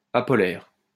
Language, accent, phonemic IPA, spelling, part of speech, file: French, France, /a.pɔ.lɛʁ/, apolaire, adjective, LL-Q150 (fra)-apolaire.wav
- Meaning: apolar, nonpolar